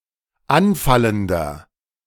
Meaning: inflection of anfallend: 1. strong/mixed nominative masculine singular 2. strong genitive/dative feminine singular 3. strong genitive plural
- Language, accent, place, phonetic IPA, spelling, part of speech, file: German, Germany, Berlin, [ˈanˌfaləndɐ], anfallender, adjective, De-anfallender.ogg